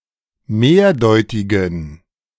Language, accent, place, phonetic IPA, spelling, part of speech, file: German, Germany, Berlin, [ˈmeːɐ̯ˌdɔɪ̯tɪɡn̩], mehrdeutigen, adjective, De-mehrdeutigen.ogg
- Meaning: inflection of mehrdeutig: 1. strong genitive masculine/neuter singular 2. weak/mixed genitive/dative all-gender singular 3. strong/weak/mixed accusative masculine singular 4. strong dative plural